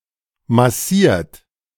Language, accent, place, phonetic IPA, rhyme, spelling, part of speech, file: German, Germany, Berlin, [maˈsiːɐ̯t], -iːɐ̯t, massiert, verb, De-massiert.ogg
- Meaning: 1. past participle of massieren 2. inflection of massieren: third-person singular present 3. inflection of massieren: second-person plural present 4. inflection of massieren: plural imperative